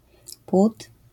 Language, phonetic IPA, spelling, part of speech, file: Polish, [pwut], płód, noun, LL-Q809 (pol)-płód.wav